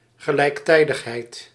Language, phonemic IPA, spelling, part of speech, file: Dutch, /ɣəlɛi̯kˈtɛi̯dəɣɦɛi̯d/, gelijktijdigheid, noun, Nl-gelijktijdigheid.ogg
- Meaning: simultaneity, simultaneousness